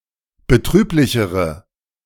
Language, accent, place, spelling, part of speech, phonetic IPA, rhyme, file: German, Germany, Berlin, betrüblichere, adjective, [bəˈtʁyːplɪçəʁə], -yːplɪçəʁə, De-betrüblichere.ogg
- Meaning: inflection of betrüblich: 1. strong/mixed nominative/accusative feminine singular comparative degree 2. strong nominative/accusative plural comparative degree